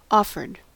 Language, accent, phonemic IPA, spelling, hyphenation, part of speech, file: English, US, /ˈɔfɚd/, offered, of‧fered, verb, En-us-offered.ogg
- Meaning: simple past and past participle of offer